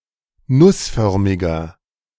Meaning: inflection of nussförmig: 1. strong/mixed nominative masculine singular 2. strong genitive/dative feminine singular 3. strong genitive plural
- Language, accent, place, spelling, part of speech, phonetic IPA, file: German, Germany, Berlin, nussförmiger, adjective, [ˈnʊsˌfœʁmɪɡɐ], De-nussförmiger.ogg